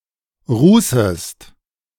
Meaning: second-person singular subjunctive I of rußen
- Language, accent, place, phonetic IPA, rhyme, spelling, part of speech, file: German, Germany, Berlin, [ˈʁuːsəst], -uːsəst, rußest, verb, De-rußest.ogg